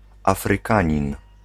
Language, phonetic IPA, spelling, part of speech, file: Polish, [ˌafrɨˈkãɲĩn], Afrykanin, noun, Pl-Afrykanin.ogg